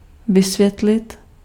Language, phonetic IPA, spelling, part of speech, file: Czech, [ˈvɪsvjɛtlɪt], vysvětlit, verb, Cs-vysvětlit.ogg
- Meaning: to explain